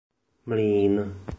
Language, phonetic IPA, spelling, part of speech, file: Czech, [ˈmliːn], mlýn, noun, Cs-mlýn.oga
- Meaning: 1. mill 2. scrum